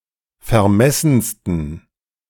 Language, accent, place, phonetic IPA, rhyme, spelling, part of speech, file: German, Germany, Berlin, [fɛɐ̯ˈmɛsn̩stən], -ɛsn̩stən, vermessensten, adjective, De-vermessensten.ogg
- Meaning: 1. superlative degree of vermessen 2. inflection of vermessen: strong genitive masculine/neuter singular superlative degree